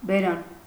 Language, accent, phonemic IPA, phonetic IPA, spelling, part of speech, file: Armenian, Eastern Armenian, /beˈɾɑn/, [beɾɑ́n], բերան, noun, Hy-բերան.ogg
- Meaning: 1. mouth 2. opening, entrance, aperture, outlet 3. mouth (of a river) 4. edge, blade (of a knife, sword, etc.)